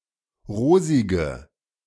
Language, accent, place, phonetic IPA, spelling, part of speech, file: German, Germany, Berlin, [ˈʁoːzɪɡə], rosige, adjective, De-rosige.ogg
- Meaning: inflection of rosig: 1. strong/mixed nominative/accusative feminine singular 2. strong nominative/accusative plural 3. weak nominative all-gender singular 4. weak accusative feminine/neuter singular